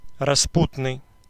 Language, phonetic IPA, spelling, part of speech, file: Russian, [rɐˈsputnɨj], распутный, adjective, Ru-распутный.ogg
- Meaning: dissolute, libertine, profligate, dissipated, immoral, lecherous, wanton, rakish, reprobate, abandoned, wicked, self-abandoned, given to sin, lickerish, Cyprian